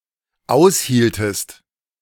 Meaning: inflection of aushalten: 1. second-person singular dependent preterite 2. second-person singular dependent subjunctive II
- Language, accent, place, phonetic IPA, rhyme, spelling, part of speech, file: German, Germany, Berlin, [ˈaʊ̯sˌhiːltəst], -aʊ̯shiːltəst, aushieltest, verb, De-aushieltest.ogg